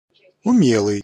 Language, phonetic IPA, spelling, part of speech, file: Russian, [ʊˈmʲeɫɨj], умелый, adjective, Ru-умелый.ogg
- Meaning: able, skillful, skilled, competent, expert